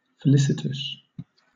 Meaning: Characterized by felicity.: 1. Appropriate, apt, fitting 2. Auspicious, fortunate, lucky 3. Causing happiness or pleasure
- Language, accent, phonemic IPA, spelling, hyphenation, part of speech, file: English, Southern England, /fəˈlɪsɪtəs/, felicitous, fe‧li‧cit‧ous, adjective, LL-Q1860 (eng)-felicitous.wav